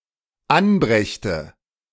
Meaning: first/third-person singular dependent subjunctive II of anbringen
- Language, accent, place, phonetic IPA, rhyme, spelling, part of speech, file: German, Germany, Berlin, [ˈanˌbʁɛçtə], -anbʁɛçtə, anbrächte, verb, De-anbrächte.ogg